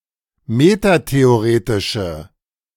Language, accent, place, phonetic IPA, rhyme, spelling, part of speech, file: German, Germany, Berlin, [ˌmetateoˈʁeːtɪʃə], -eːtɪʃə, metatheoretische, adjective, De-metatheoretische.ogg
- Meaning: inflection of metatheoretisch: 1. strong/mixed nominative/accusative feminine singular 2. strong nominative/accusative plural 3. weak nominative all-gender singular